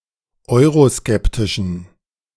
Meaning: inflection of euroskeptisch: 1. strong genitive masculine/neuter singular 2. weak/mixed genitive/dative all-gender singular 3. strong/weak/mixed accusative masculine singular 4. strong dative plural
- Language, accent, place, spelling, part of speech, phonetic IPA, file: German, Germany, Berlin, euroskeptischen, adjective, [ˈɔɪ̯ʁoˌskɛptɪʃn̩], De-euroskeptischen.ogg